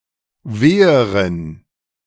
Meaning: inflection of weh: 1. strong genitive masculine/neuter singular comparative degree 2. weak/mixed genitive/dative all-gender singular comparative degree
- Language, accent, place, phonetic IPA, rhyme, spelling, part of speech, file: German, Germany, Berlin, [ˈveːəʁən], -eːəʁən, weheren, adjective, De-weheren.ogg